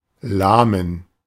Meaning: inflection of lahm: 1. strong genitive masculine/neuter singular 2. weak/mixed genitive/dative all-gender singular 3. strong/weak/mixed accusative masculine singular 4. strong dative plural
- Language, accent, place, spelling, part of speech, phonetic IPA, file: German, Germany, Berlin, lahmen, adjective, [laːmː], De-lahmen.ogg